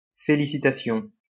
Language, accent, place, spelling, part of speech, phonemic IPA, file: French, France, Lyon, félicitation, noun, /fe.li.si.ta.sjɔ̃/, LL-Q150 (fra)-félicitation.wav
- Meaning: congratulation